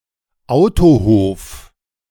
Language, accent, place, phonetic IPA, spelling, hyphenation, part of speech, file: German, Germany, Berlin, [ˈʔaʊ̯toˌhoːf], Autohof, Au‧to‧hof, noun, De-Autohof.ogg
- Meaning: roadhouse